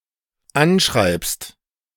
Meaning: second-person singular dependent present of anschreiben
- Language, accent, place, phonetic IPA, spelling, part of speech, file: German, Germany, Berlin, [ˈanˌʃʁaɪ̯pst], anschreibst, verb, De-anschreibst.ogg